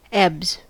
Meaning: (noun) plural of ebb; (verb) third-person singular simple present indicative of ebb
- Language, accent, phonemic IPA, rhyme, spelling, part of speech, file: English, US, /ɛbz/, -ɛbz, ebbs, noun / verb, En-us-ebbs.ogg